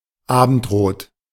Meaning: Red color of the (western) sky around the time of sunset
- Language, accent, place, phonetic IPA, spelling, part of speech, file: German, Germany, Berlin, [ˈaːbənd̥ˌroːt], Abendrot, noun, De-Abendrot.ogg